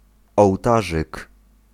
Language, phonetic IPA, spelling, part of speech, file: Polish, [ɔwˈtaʒɨk], ołtarzyk, noun, Pl-ołtarzyk.ogg